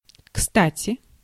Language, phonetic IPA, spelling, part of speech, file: Russian, [ˈkstatʲɪ], кстати, adverb, Ru-кстати.ogg
- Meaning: 1. by the way 2. as a matter of fact, for the record, incidentally 3. useful, helpful, handy, welcome, convenient 4. at the right time, with good timing, in the nick of time, opportunely